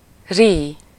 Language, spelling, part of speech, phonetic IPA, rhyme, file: Hungarian, rí, verb, [ˈriː], -riː, Hu-rí.ogg
- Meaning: 1. to weep 2. to say something while weeping